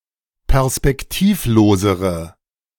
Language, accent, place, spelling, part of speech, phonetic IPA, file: German, Germany, Berlin, perspektivlosere, adjective, [pɛʁspɛkˈtiːfˌloːzəʁə], De-perspektivlosere.ogg
- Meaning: inflection of perspektivlos: 1. strong/mixed nominative/accusative feminine singular comparative degree 2. strong nominative/accusative plural comparative degree